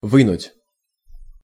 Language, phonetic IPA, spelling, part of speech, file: Russian, [ˈvɨnʊtʲ], вынуть, verb, Ru-вынуть.ogg
- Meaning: to take out, to pull out, to draw out, to extract